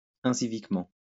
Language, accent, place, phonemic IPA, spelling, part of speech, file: French, France, Lyon, /ɛ̃.si.vik.mɑ̃/, inciviquement, adverb, LL-Q150 (fra)-inciviquement.wav
- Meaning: uncivilly